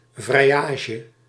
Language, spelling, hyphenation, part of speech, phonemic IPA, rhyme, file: Dutch, vrijage, vrij‧a‧ge, noun, /ˌvrɛi̯ˈaː.ʒə/, -aːʒə, Nl-vrijage.ogg
- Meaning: romantic relation